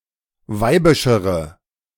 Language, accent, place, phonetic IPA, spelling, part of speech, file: German, Germany, Berlin, [ˈvaɪ̯bɪʃəʁə], weibischere, adjective, De-weibischere.ogg
- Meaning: inflection of weibisch: 1. strong/mixed nominative/accusative feminine singular comparative degree 2. strong nominative/accusative plural comparative degree